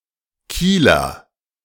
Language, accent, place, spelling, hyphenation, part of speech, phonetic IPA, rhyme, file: German, Germany, Berlin, Kieler, Kie‧ler, noun / adjective, [ˈkiːlɐ], -iːlɐ, De-Kieler.ogg
- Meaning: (noun) Kieler (native or inhabitant of the city of Kiel, capital of Schleswig-Holstein, Germany) (usually male)